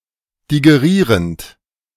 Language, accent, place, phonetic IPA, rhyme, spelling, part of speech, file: German, Germany, Berlin, [diɡeˈʁiːʁənt], -iːʁənt, digerierend, verb, De-digerierend.ogg
- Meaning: present participle of digerieren